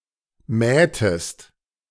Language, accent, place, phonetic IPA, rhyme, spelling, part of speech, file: German, Germany, Berlin, [ˈmɛːtəst], -ɛːtəst, mähtest, verb, De-mähtest.ogg
- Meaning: inflection of mähen: 1. second-person singular preterite 2. second-person singular subjunctive II